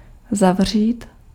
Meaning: 1. to close, to shut 2. to lock in (somebody) 3. to close up, to shut, to fold up
- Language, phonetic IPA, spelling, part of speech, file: Czech, [ˈzavr̝iːt], zavřít, verb, Cs-zavřít.ogg